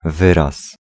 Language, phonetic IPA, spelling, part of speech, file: Polish, [ˈvɨras], wyraz, noun, Pl-wyraz.ogg